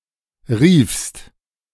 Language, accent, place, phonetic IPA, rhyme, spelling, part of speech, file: German, Germany, Berlin, [ʁiːfst], -iːfst, riefst, verb, De-riefst.ogg
- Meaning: second-person singular preterite of rufen